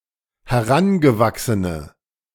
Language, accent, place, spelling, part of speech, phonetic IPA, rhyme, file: German, Germany, Berlin, herangewachsene, adjective, [hɛˈʁanɡəˌvaksənə], -anɡəvaksənə, De-herangewachsene.ogg
- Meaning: inflection of herangewachsen: 1. strong/mixed nominative/accusative feminine singular 2. strong nominative/accusative plural 3. weak nominative all-gender singular